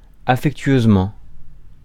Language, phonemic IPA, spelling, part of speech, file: French, /a.fɛk.tɥøz.mɑ̃/, affectueusement, adverb, Fr-affectueusement.ogg
- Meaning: affectionately